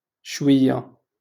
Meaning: a little
- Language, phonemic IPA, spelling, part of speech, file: Moroccan Arabic, /ʃwij.ja/, شوية, adverb, LL-Q56426 (ary)-شوية.wav